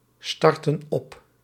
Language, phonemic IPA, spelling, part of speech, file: Dutch, /ˈstɑrtə(n) ˈɔp/, starten op, verb, Nl-starten op.ogg
- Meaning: inflection of opstarten: 1. plural present indicative 2. plural present subjunctive